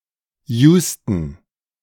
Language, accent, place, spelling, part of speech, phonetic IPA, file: German, Germany, Berlin, Houston, proper noun, [ˈjuːstn̩], De-Houston.ogg
- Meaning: Houston (a large city, the county seat of Harris County, Texas, United States, named after Sam Houston)